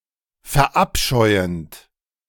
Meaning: present participle of verabscheuen
- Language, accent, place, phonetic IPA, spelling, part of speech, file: German, Germany, Berlin, [fɛɐ̯ˈʔapʃɔɪ̯ənt], verabscheuend, verb, De-verabscheuend.ogg